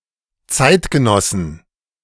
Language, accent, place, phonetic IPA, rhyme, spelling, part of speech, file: German, Germany, Berlin, [ˈt͡saɪ̯tɡəˌnɔsn̩], -aɪ̯tɡənɔsn̩, Zeitgenossen, noun, De-Zeitgenossen.ogg
- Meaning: plural of Zeitgenosse